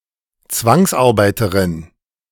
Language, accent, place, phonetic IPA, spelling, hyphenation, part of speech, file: German, Germany, Berlin, [ˈt͡svaŋsʔaʁˌbaɪ̯təʁɪn], Zwangsarbeiterin, Zwangs‧ar‧bei‧te‧rin, noun, De-Zwangsarbeiterin.ogg
- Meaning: female equivalent of Zwangsarbeiter